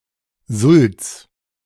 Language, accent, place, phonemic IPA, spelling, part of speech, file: German, Germany, Berlin, /zʊl(t)s/, Sulz, noun / proper noun, De-Sulz.ogg
- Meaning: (noun) 1. alternative form of Sülze (“meat/fish in aspic”) 2. tripe 3. wet, mushy snow; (proper noun) a municipality of Vorarlberg, Austria